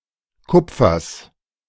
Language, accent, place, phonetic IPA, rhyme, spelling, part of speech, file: German, Germany, Berlin, [ˈkʊp͡fɐs], -ʊp͡fɐs, Kupfers, noun, De-Kupfers.ogg
- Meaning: genitive singular of Kupfer